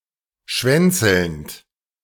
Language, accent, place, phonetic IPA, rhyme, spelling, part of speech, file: German, Germany, Berlin, [ˈʃvɛnt͡sl̩nt], -ɛnt͡sl̩nt, schwänzelnd, verb, De-schwänzelnd.ogg
- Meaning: present participle of schwänzeln